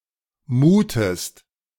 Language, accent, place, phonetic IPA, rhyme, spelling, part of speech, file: German, Germany, Berlin, [ˈmuːtəst], -uːtəst, muhtest, verb, De-muhtest.ogg
- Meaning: inflection of muhen: 1. second-person singular preterite 2. second-person singular subjunctive II